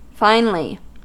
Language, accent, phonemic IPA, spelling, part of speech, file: English, US, /ˈfaɪnli/, finely, adverb, En-us-finely.ogg
- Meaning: 1. So as to produce a fine texture; into small, thin, or delicate pieces 2. In a fine, handsome or attractive way; very well